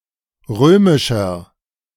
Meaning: inflection of römisch: 1. strong/mixed nominative masculine singular 2. strong genitive/dative feminine singular 3. strong genitive plural
- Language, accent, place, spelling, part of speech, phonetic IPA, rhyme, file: German, Germany, Berlin, römischer, adjective, [ˈʁøːmɪʃɐ], -øːmɪʃɐ, De-römischer.ogg